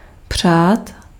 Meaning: 1. to wish 2. to wish, long for, hope for 3. to favor, side with
- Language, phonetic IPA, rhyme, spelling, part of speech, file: Czech, [ˈpr̝̊aːt], -aːt, přát, verb, Cs-přát.ogg